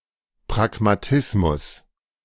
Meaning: pragmatism
- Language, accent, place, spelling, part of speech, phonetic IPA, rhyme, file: German, Germany, Berlin, Pragmatismus, noun, [pʁaɡmaˈtɪsmʊs], -ɪsmʊs, De-Pragmatismus.ogg